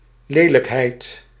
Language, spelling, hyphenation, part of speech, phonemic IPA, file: Dutch, lelijkheid, le‧lijk‧heid, noun, /ˈleː.ləkˌɦɛi̯t/, Nl-lelijkheid.ogg
- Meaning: 1. ugliness 2. someone or something ugly 3. unpleasant behaviour or trait